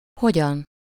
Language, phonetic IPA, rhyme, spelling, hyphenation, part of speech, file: Hungarian, [ˈhoɟɒn], -ɒn, hogyan, ho‧gyan, adverb, Hu-hogyan.ogg
- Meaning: how? (in what manner)